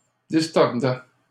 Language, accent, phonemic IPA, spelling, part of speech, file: French, Canada, /dis.tɔʁ.dɛ/, distordaient, verb, LL-Q150 (fra)-distordaient.wav
- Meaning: third-person plural imperfect indicative of distordre